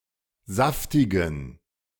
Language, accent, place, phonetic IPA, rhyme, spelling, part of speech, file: German, Germany, Berlin, [ˈzaftɪɡn̩], -aftɪɡn̩, saftigen, adjective, De-saftigen.ogg
- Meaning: inflection of saftig: 1. strong genitive masculine/neuter singular 2. weak/mixed genitive/dative all-gender singular 3. strong/weak/mixed accusative masculine singular 4. strong dative plural